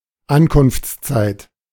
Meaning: time of arrival
- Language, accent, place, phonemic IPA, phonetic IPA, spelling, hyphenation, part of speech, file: German, Germany, Berlin, /ˈankʊnftsˌtsaɪ̯t/, [ˈʔankʊnftsˌtsaɪ̯tʰ], Ankunftszeit, An‧kunfts‧zeit, noun, De-Ankunftszeit.ogg